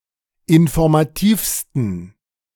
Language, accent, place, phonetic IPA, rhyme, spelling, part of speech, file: German, Germany, Berlin, [ɪnfɔʁmaˈtiːfstn̩], -iːfstn̩, informativsten, adjective, De-informativsten.ogg
- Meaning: 1. superlative degree of informativ 2. inflection of informativ: strong genitive masculine/neuter singular superlative degree